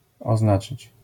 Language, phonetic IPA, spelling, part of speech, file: Polish, [ɔˈznat͡ʃɨt͡ɕ], oznaczyć, verb, LL-Q809 (pol)-oznaczyć.wav